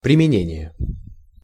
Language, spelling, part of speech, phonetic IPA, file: Russian, применение, noun, [prʲɪmʲɪˈnʲenʲɪje], Ru-применение.ogg
- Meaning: application, use, usage (the manner or the amount of use)